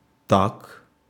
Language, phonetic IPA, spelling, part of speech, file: Russian, [tak], так, adverb / adjective / particle / conjunction / noun, Ru-так.ogg
- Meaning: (adverb) like that, like this (in that/this way, in that/this manner) (translated as "that" or "this" with some verbs)